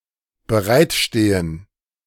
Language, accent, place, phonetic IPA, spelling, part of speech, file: German, Germany, Berlin, [bəˈʁaɪ̯tˌʃteːən], bereitstehen, verb, De-bereitstehen.ogg
- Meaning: to be available or ready